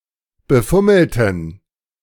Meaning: inflection of befummeln: 1. first/third-person plural preterite 2. first/third-person plural subjunctive II
- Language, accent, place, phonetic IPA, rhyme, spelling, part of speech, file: German, Germany, Berlin, [bəˈfʊml̩tn̩], -ʊml̩tn̩, befummelten, adjective / verb, De-befummelten.ogg